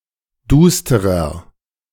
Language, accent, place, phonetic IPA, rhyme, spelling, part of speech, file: German, Germany, Berlin, [ˈduːstəʁɐ], -uːstəʁɐ, dusterer, adjective, De-dusterer.ogg
- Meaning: 1. comparative degree of duster 2. inflection of duster: strong/mixed nominative masculine singular 3. inflection of duster: strong genitive/dative feminine singular